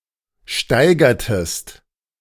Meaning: inflection of steigern: 1. second-person singular preterite 2. second-person singular subjunctive II
- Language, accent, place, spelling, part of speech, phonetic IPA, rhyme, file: German, Germany, Berlin, steigertest, verb, [ˈʃtaɪ̯ɡɐtəst], -aɪ̯ɡɐtəst, De-steigertest.ogg